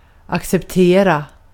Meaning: to accept, to approve, to receive
- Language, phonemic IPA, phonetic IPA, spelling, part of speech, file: Swedish, /aksɛpˈteːra/, [aksɛpˈtěːra], acceptera, verb, Sv-acceptera.ogg